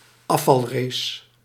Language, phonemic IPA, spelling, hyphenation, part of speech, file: Dutch, /ˈɑ.fɑlˌreːs/, afvalrace, af‧val‧race, noun, Nl-afvalrace.ogg
- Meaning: a knockout race